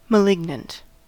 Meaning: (adjective) 1. Harmful, malevolent, injurious 2. Tending to produce death; threatening a fatal issue; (noun) A deviant; a person who is hostile or destructive to society
- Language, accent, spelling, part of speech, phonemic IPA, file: English, US, malignant, adjective / noun, /məˈlɪɡnənt/, En-us-malignant.ogg